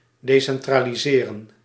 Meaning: to decentralize, to decentralise
- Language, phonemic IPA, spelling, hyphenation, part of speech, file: Dutch, /deːsɛntraːliˈzeːrə(n)/, decentraliseren, de‧cen‧tra‧li‧se‧ren, verb, Nl-decentraliseren.ogg